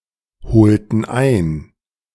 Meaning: inflection of einholen: 1. first/third-person plural preterite 2. first/third-person plural subjunctive II
- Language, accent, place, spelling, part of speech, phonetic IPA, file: German, Germany, Berlin, holten ein, verb, [ˌhoːltn̩ ˈaɪ̯n], De-holten ein.ogg